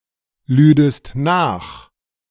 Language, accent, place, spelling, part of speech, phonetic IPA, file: German, Germany, Berlin, lüdest nach, verb, [ˌlyːdəst ˈnaːx], De-lüdest nach.ogg
- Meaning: second-person singular subjunctive II of nachladen